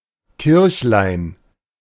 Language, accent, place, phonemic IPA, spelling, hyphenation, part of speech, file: German, Germany, Berlin, /ˈkɪʁçlaɪ̯n/, Kirchlein, Kirch‧lein, noun, De-Kirchlein.ogg
- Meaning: diminutive of Kirche (“church”)